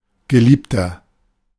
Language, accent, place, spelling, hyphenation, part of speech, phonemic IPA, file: German, Germany, Berlin, Geliebter, Ge‧lieb‧ter, noun, /ɡəˈliːptɐ/, De-Geliebter.ogg
- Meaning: 1. lover, romantic partner (male or of unspecified gender; now usually implying an affair, otherwise somewhat poetic) 2. inflection of Geliebte: strong genitive/dative singular